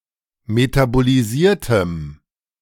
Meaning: strong dative masculine/neuter singular of metabolisiert
- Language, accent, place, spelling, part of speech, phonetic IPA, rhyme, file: German, Germany, Berlin, metabolisiertem, adjective, [ˌmetaboliˈziːɐ̯təm], -iːɐ̯təm, De-metabolisiertem.ogg